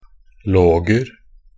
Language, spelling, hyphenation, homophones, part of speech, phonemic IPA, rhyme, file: Norwegian Bokmål, -loger, -log‧er, loger / låger, suffix, /ˈloːɡər/, -ər, Nb--loger.ogg
- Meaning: indefinite plural of -log